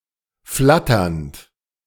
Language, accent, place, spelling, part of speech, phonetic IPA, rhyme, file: German, Germany, Berlin, flatternd, verb, [ˈflatɐnt], -atɐnt, De-flatternd.ogg
- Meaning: present participle of flattern